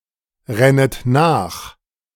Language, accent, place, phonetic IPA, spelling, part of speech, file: German, Germany, Berlin, [ˌʁɛnət ˈnaːx], rennet nach, verb, De-rennet nach.ogg
- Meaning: second-person plural subjunctive I of nachrennen